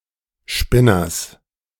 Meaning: genitive singular of Spinner
- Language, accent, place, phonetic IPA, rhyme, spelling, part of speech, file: German, Germany, Berlin, [ˈʃpɪnɐs], -ɪnɐs, Spinners, noun, De-Spinners.ogg